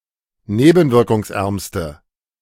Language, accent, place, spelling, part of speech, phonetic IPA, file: German, Germany, Berlin, nebenwirkungsärmste, adjective, [ˈneːbn̩vɪʁkʊŋsˌʔɛʁmstə], De-nebenwirkungsärmste.ogg
- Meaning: inflection of nebenwirkungsarm: 1. strong/mixed nominative/accusative feminine singular superlative degree 2. strong nominative/accusative plural superlative degree